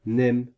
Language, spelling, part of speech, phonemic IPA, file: French, nem, noun, /nɛm/, Fr-nem.ogg
- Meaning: 1. a type of Vietnamese spring roll 2. more generally, any spring roll